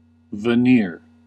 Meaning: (noun) A thin decorative covering of fine material (usually wood) applied to coarser wood or other material
- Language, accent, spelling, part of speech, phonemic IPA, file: English, US, veneer, noun / verb, /vəˈnɪɹ/, En-us-veneer.ogg